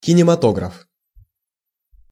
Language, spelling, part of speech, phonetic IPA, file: Russian, кинематограф, noun, [kʲɪnʲɪmɐˈtoɡrəf], Ru-кинематограф.ogg
- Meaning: cinematography